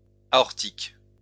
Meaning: aortic
- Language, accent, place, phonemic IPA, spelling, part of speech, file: French, France, Lyon, /a.ɔʁ.tik/, aortique, adjective, LL-Q150 (fra)-aortique.wav